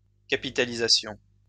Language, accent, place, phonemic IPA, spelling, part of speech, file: French, France, Lyon, /ka.pi.ta.li.za.sjɔ̃/, capitalisations, noun, LL-Q150 (fra)-capitalisations.wav
- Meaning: plural of capitalisation